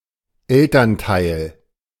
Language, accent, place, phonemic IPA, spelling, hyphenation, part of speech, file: German, Germany, Berlin, /ˈɛltɐnˌtaɪ̯l/, Elternteil, El‧tern‧teil, noun, De-Elternteil.ogg
- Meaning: parent